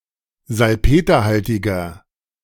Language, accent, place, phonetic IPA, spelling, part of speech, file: German, Germany, Berlin, [zalˈpeːtɐˌhaltɪɡɐ], salpeterhaltiger, adjective, De-salpeterhaltiger.ogg
- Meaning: inflection of salpeterhaltig: 1. strong/mixed nominative masculine singular 2. strong genitive/dative feminine singular 3. strong genitive plural